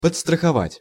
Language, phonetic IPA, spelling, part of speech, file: Russian, [pət͡sstrəxɐˈvatʲ], подстраховать, verb, Ru-подстраховать.ogg
- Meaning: to secure; to insure; to stand by, to spot (in sports)